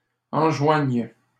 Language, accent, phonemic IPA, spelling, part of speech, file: French, Canada, /ɑ̃.ʒwaɲ/, enjoigne, verb, LL-Q150 (fra)-enjoigne.wav
- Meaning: first/third-person singular present subjunctive of enjoindre